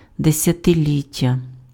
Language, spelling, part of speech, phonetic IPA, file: Ukrainian, десятиліття, noun, [desʲɐteˈlʲitʲːɐ], Uk-десятиліття.ogg
- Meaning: decade (ten years)